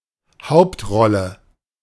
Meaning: lead (starring role in a drama)
- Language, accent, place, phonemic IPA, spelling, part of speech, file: German, Germany, Berlin, /ˈhaʊ̯ptˌʁɔlə/, Hauptrolle, noun, De-Hauptrolle.ogg